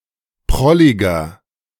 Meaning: 1. comparative degree of prollig 2. inflection of prollig: strong/mixed nominative masculine singular 3. inflection of prollig: strong genitive/dative feminine singular
- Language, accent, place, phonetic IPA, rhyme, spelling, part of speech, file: German, Germany, Berlin, [ˈpʁɔlɪɡɐ], -ɔlɪɡɐ, prolliger, adjective, De-prolliger.ogg